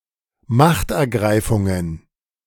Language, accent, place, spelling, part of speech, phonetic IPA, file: German, Germany, Berlin, Machtergreifungen, noun, [ˈmaxtʔɛɐ̯ˌɡʁaɪ̯fʊŋən], De-Machtergreifungen.ogg
- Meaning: plural of Machtergreifung